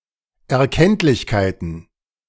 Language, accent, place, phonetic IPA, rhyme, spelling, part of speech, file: German, Germany, Berlin, [ɛɐ̯ˈkɛntlɪçkaɪ̯tn̩], -ɛntlɪçkaɪ̯tn̩, Erkenntlichkeiten, noun, De-Erkenntlichkeiten.ogg
- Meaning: plural of Erkenntlichkeit